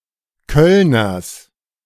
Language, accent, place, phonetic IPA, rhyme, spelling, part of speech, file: German, Germany, Berlin, [ˈkœlnɐs], -œlnɐs, Kölners, noun, De-Kölners.ogg
- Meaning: genitive singular of Kölner